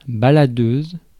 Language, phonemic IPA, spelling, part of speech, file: French, /ba.la.døz/, baladeuse, adjective / noun, Fr-baladeuse.ogg
- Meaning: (adjective) feminine singular of baladeur; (noun) inspection lamp